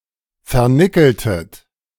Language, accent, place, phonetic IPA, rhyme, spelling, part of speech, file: German, Germany, Berlin, [fɛɐ̯ˈnɪkl̩tət], -ɪkl̩tət, vernickeltet, verb, De-vernickeltet.ogg
- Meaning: inflection of vernickeln: 1. second-person plural preterite 2. second-person plural subjunctive II